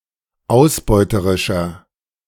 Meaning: inflection of ausbeuterisch: 1. strong/mixed nominative masculine singular 2. strong genitive/dative feminine singular 3. strong genitive plural
- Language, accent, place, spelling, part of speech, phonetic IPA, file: German, Germany, Berlin, ausbeuterischer, adjective, [ˈaʊ̯sˌbɔɪ̯təʁɪʃɐ], De-ausbeuterischer.ogg